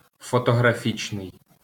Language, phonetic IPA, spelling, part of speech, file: Ukrainian, [fɔtɔɦrɐˈfʲit͡ʃnei̯], фотографічний, adjective, LL-Q8798 (ukr)-фотографічний.wav
- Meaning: photographic